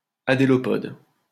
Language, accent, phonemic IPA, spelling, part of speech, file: French, France, /a.de.lɔ.pɔd/, adélopode, adjective, LL-Q150 (fra)-adélopode.wav
- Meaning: adelopode